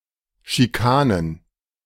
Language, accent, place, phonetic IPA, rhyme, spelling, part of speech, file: German, Germany, Berlin, [ʃiˈkaːnən], -aːnən, Schikanen, noun, De-Schikanen.ogg
- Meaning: plural of Schikane